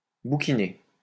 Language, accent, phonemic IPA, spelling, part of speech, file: French, France, /bu.ki.ne/, bouquiner, verb, LL-Q150 (fra)-bouquiner.wav
- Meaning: to read constantly (for pleasure)